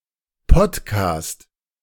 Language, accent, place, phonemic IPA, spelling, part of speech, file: German, Germany, Berlin, /ˈpɔtˌkaːst/, Podcast, noun, De-Podcast.ogg
- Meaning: podcast